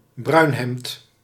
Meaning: 1. a member of the SA (Sturmabteilung) 2. a Nazi, a member of the NSDAP
- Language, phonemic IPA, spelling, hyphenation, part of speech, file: Dutch, /ˈbrœy̯n.ɦɛmt/, bruinhemd, bruin‧hemd, noun, Nl-bruinhemd.ogg